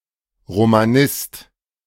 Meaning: 1. Supporter of the Roman Catholic Church; a Roman Catholic 2. A scholar, practitioner or proponent of Roman law and jurisprudence 3. A scholar of Romance languages; a Romanicist
- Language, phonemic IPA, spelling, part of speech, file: German, /ʁomaˈnɪst/, Romanist, noun, De-Romanist.ogg